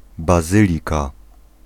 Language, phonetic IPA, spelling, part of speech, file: Polish, [baˈzɨlʲika], bazylika, noun, Pl-bazylika.ogg